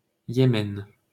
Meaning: 1. Yemen (a country in West Asia in the Middle East) 2. Yemen (a region in the southern Arabian Peninsula; the Arabia Felix)
- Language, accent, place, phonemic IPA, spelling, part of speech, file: French, France, Paris, /je.mɛn/, Yémen, proper noun, LL-Q150 (fra)-Yémen.wav